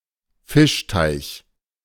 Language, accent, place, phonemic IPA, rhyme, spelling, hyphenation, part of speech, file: German, Germany, Berlin, /ˈfɪʃˌtaɪ̯ç/, -aɪ̯ç, Fischteich, Fisch‧teich, noun, De-Fischteich.ogg
- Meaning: fishpond